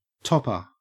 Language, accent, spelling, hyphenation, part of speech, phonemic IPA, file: English, Australia, topper, top‧per, noun, /ˈtɔpə/, En-au-topper.ogg
- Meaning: 1. Something that is on top 2. A top hat 3. Something that exceeds those previous in a series, as a joke or prank 4. A short outer jacket worn by women or children